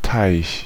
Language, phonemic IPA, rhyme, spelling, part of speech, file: German, /taɪ̯ç/, -aɪ̯ç, Teich, noun, De-Teich.ogg
- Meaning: 1. pond (natural or man-made) 2. ellipsis of großer Teich (“Atlantic Ocean”)